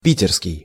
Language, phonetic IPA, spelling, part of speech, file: Russian, [ˈpʲitʲɪrskʲɪj], питерский, adjective, Ru-питерский.ogg
- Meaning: Saint Petersburg